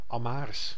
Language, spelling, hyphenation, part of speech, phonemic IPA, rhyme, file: Dutch, Amhaars, Am‧haars, proper noun / adjective, /ɑmˈɦaːrs/, -aːrs, Nl-Amhaars.ogg
- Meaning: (proper noun) Amharic (language); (adjective) Amharic